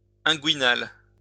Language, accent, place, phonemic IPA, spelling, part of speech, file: French, France, Lyon, /ɛ̃.ɡɥi.nal/, inguinal, adjective, LL-Q150 (fra)-inguinal.wav
- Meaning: inguinal